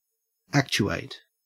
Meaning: 1. To activate, or to put into motion; to animate 2. To incite to action; to motivate
- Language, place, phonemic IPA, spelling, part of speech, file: English, Queensland, /ˈækt͡ʃʉ.æɪt/, actuate, verb, En-au-actuate.ogg